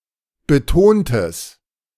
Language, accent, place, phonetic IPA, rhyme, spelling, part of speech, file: German, Germany, Berlin, [bəˈtoːntəs], -oːntəs, betontes, adjective, De-betontes.ogg
- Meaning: strong/mixed nominative/accusative neuter singular of betont